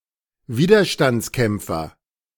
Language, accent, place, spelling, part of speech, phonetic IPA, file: German, Germany, Berlin, Widerstandskämpfer, noun, [ˈviːdɐʃtant͡sˌkɛmp͡fɐ], De-Widerstandskämpfer.ogg
- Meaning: resistor, (person who fights to resist against something)